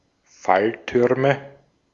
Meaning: nominative/accusative/genitive plural of Fallturm
- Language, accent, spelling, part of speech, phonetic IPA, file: German, Austria, Falltürme, noun, [ˈfalˌtʏʁmə], De-at-Falltürme.ogg